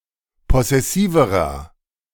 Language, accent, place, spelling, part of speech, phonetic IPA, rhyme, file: German, Germany, Berlin, possessiverer, adjective, [ˌpɔsɛˈsiːvəʁɐ], -iːvəʁɐ, De-possessiverer.ogg
- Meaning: inflection of possessiv: 1. strong/mixed nominative masculine singular comparative degree 2. strong genitive/dative feminine singular comparative degree 3. strong genitive plural comparative degree